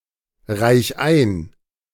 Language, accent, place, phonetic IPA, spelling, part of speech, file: German, Germany, Berlin, [ˌʁaɪ̯ç ˈaɪ̯n], reich ein, verb, De-reich ein.ogg
- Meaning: 1. singular imperative of einreichen 2. first-person singular present of einreichen